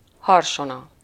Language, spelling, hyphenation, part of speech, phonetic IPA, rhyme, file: Hungarian, harsona, har‧so‧na, noun, [ˈhɒrʃonɒ], -nɒ, Hu-harsona.ogg
- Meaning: trombone, clarion